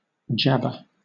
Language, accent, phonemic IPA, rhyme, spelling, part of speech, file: English, Southern England, /ˈd͡ʒæbə(ɹ)/, -æbə(ɹ), jabber, verb / noun, LL-Q1860 (eng)-jabber.wav
- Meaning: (verb) 1. To talk rapidly, indistinctly, or unintelligibly; to utter gibberish or nonsense 2. To utter rapidly or indistinctly; to gabble